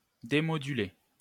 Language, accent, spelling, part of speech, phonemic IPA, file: French, France, démoduler, verb, /de.mɔ.dy.le/, LL-Q150 (fra)-démoduler.wav
- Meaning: to demodulate